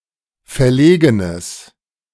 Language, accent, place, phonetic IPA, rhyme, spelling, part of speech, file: German, Germany, Berlin, [fɛɐ̯ˈleːɡənəs], -eːɡənəs, verlegenes, adjective, De-verlegenes.ogg
- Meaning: strong/mixed nominative/accusative neuter singular of verlegen